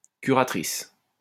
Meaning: female equivalent of curateur
- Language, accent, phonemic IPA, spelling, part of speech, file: French, France, /ky.ʁa.tʁis/, curatrice, noun, LL-Q150 (fra)-curatrice.wav